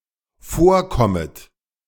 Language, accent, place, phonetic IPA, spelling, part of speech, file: German, Germany, Berlin, [ˈfoːɐ̯ˌkɔmət], vorkommet, verb, De-vorkommet.ogg
- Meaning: second-person plural dependent subjunctive I of vorkommen